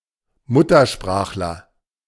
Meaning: native speaker (male or of unspecified gender) (a person who grew up with a particular language as their mother tongue)
- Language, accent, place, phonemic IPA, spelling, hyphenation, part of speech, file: German, Germany, Berlin, /ˈmʊ.tɐˌʃpʁaːx.lɐ/, Muttersprachler, Mut‧ter‧sprach‧ler, noun, De-Muttersprachler.ogg